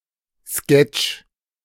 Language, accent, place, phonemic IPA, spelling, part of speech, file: German, Germany, Berlin, /skɛt͡ʃ/, Sketch, noun, De-Sketch.ogg
- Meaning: sketch (short musical, dramatic or literary work or idea)